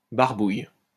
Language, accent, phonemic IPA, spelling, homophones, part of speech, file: French, France, /baʁ.buj/, barbouille, barbouillent / barbouilles, verb, LL-Q150 (fra)-barbouille.wav
- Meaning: inflection of barbouiller: 1. first/third-person singular present indicative/subjunctive 2. second-person singular imperative